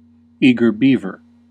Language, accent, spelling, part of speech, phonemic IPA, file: English, US, eager beaver, noun, /ˌi.ɡɚ ˈbi.vɚ/, En-us-eager beaver.ogg
- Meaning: One (especially a child) who is very excited or enthusiastic to begin a task; a person who is exceedingly assiduous in an enthusiastic manner